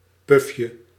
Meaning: diminutive of puf
- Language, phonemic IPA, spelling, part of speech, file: Dutch, /ˈpʏfjə/, pufje, noun, Nl-pufje.ogg